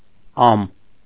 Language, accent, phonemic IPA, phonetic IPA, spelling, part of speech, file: Armenian, Eastern Armenian, /ɑm/, [ɑm], ամ, noun, Hy-ամ.ogg
- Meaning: year